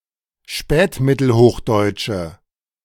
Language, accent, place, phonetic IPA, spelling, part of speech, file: German, Germany, Berlin, [ˈʃpɛːtmɪtl̩ˌhoːxdɔɪ̯t͡ʃə], spätmittelhochdeutsche, adjective, De-spätmittelhochdeutsche.ogg
- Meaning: inflection of spätmittelhochdeutsch: 1. strong/mixed nominative/accusative feminine singular 2. strong nominative/accusative plural 3. weak nominative all-gender singular